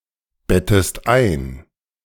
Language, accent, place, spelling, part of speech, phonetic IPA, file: German, Germany, Berlin, bettest ein, verb, [ˌbɛtəst ˈaɪ̯n], De-bettest ein.ogg
- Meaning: inflection of einbetten: 1. second-person singular present 2. second-person singular subjunctive I